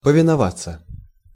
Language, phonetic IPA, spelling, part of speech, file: Russian, [pəvʲɪnɐˈvat͡sːə], повиноваться, verb, Ru-повиноваться.ogg
- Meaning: to obey